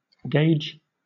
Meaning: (verb) 1. To bind (someone) by pledge or security; to engage 2. To bet or wager (something) 3. To deposit or give (something) as a pledge or security; to pawn
- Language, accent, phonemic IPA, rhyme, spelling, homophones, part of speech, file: English, Southern England, /ɡeɪd͡ʒ/, -eɪdʒ, gage, gauge, verb / noun, LL-Q1860 (eng)-gage.wav